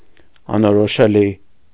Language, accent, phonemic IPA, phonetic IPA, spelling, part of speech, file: Armenian, Eastern Armenian, /ɑnoɾoʃeˈli/, [ɑnoɾoʃelí], անորոշելի, adjective, Hy-անորոշելի.ogg
- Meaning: impossible to decide, clarify, or distinguish